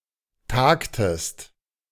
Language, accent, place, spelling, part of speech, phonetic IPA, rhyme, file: German, Germany, Berlin, tagtest, verb, [ˈtaːktəst], -aːktəst, De-tagtest.ogg
- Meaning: inflection of tagen: 1. second-person singular preterite 2. second-person singular subjunctive II